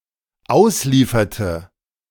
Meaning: inflection of ausliefern: 1. first/third-person singular dependent preterite 2. first/third-person singular dependent subjunctive II
- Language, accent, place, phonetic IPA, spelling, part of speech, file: German, Germany, Berlin, [ˈaʊ̯sˌliːfɐtə], auslieferte, verb, De-auslieferte.ogg